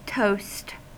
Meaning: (noun) 1. Bread that has been toasted (cooked lightly by browning) 2. A proposed salutation (e.g. saying "cheers") while drinking alcohol
- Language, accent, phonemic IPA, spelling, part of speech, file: English, US, /toʊst/, toast, noun / verb, En-us-toast.ogg